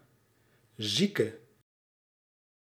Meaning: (noun) patient, sick person; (adjective) inflection of ziek: 1. masculine/feminine singular attributive 2. definite neuter singular attributive 3. plural attributive
- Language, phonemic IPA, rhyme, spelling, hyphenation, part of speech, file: Dutch, /ˈzi.kə/, -ikə, zieke, zie‧ke, noun / adjective, Nl-zieke.ogg